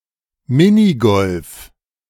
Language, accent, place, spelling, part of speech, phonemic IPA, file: German, Germany, Berlin, Minigolf, noun, /ˈmɪniˌɡɔlf/, De-Minigolf.ogg
- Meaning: minigolf, miniature golf